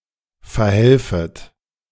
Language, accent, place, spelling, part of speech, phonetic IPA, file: German, Germany, Berlin, verhelfet, verb, [fɛɐ̯ˈhɛlfət], De-verhelfet.ogg
- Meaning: second-person plural subjunctive I of verhelfen